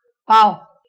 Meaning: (noun) bread; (numeral) fourth, quarter
- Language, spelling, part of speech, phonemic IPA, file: Marathi, पाव, noun / numeral, /paʋ/, LL-Q1571 (mar)-पाव.wav